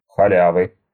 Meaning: inflection of халя́ва (xaljáva): 1. genitive singular 2. nominative/accusative plural
- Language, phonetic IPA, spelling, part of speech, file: Russian, [xɐˈlʲavɨ], халявы, noun, Ru-халявы.ogg